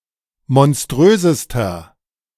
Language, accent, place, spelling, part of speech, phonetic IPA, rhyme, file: German, Germany, Berlin, monströsester, adjective, [mɔnˈstʁøːzəstɐ], -øːzəstɐ, De-monströsester.ogg
- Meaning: inflection of monströs: 1. strong/mixed nominative masculine singular superlative degree 2. strong genitive/dative feminine singular superlative degree 3. strong genitive plural superlative degree